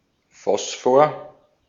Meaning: 1. phosphorus 2. phosphor
- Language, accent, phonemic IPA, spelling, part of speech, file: German, Austria, /ˈfɔsfoɐ/, Phosphor, noun, De-at-Phosphor.ogg